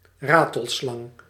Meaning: rattlesnake (poisonous snake with a rattling tail), snake of the genera Crotalus or Sistrurus
- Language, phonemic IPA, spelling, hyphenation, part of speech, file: Dutch, /ˈraː.təlˌslɑŋ/, ratelslang, ra‧tel‧slang, noun, Nl-ratelslang.ogg